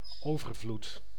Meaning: abundance, plenty
- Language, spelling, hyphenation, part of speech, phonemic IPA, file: Dutch, overvloed, over‧vloed, noun, /ˈoː.vərˌvlut/, Nl-overvloed.ogg